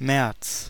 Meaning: March (the third month of the Gregorian calendar, following February and preceding April, containing the northward equinox)
- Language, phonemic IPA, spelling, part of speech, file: German, /mɛrts/, März, noun, De-März.ogg